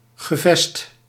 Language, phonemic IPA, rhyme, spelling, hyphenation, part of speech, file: Dutch, /ɣəˈvɛst/, -ɛst, gevest, ge‧vest, noun, Nl-gevest.ogg
- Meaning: hilt, haft of a blade weapon